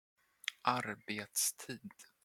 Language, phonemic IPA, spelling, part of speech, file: Swedish, /²arbeːtsˌtiːd/, arbetstid, noun, Sv-arbetstid.flac
- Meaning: working hours, office hours